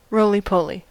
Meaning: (noun) 1. A toy that rights itself when pushed over 2. A short, plump person (especially a child) 3. A forward roll or sideways roll
- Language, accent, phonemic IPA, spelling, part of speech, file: English, General American, /ˈɹoʊliˈpoʊli/, roly-poly, noun / adjective / adverb, En-us-roly-poly.ogg